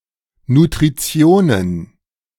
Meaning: plural of Nutrition
- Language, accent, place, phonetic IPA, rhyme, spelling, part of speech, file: German, Germany, Berlin, [nutʁiˈt͡si̯oːnən], -oːnən, Nutritionen, noun, De-Nutritionen.ogg